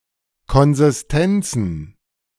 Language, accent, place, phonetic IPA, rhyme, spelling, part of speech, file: German, Germany, Berlin, [ˌkɔnzɪsˈtɛnt͡sn̩], -ɛnt͡sn̩, Konsistenzen, noun, De-Konsistenzen.ogg
- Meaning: plural of Konsistenz